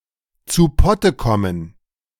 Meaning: to [finally] get down to, get around to, see something through, get something done, start to work seriously / diligently
- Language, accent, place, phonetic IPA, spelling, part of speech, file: German, Germany, Berlin, [t͡suː ˈpɔtə ˈkɔmən], zu Potte kommen, phrase, De-zu Potte kommen.ogg